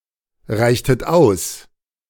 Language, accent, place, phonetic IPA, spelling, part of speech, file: German, Germany, Berlin, [ˌʁaɪ̯çtət ˈaʊ̯s], reichtet aus, verb, De-reichtet aus.ogg
- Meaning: inflection of ausreichen: 1. second-person plural preterite 2. second-person plural subjunctive II